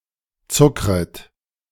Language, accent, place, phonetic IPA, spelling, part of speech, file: German, Germany, Berlin, [ˈt͡sʊkʁət], zuckret, verb, De-zuckret.ogg
- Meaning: second-person plural subjunctive I of zuckern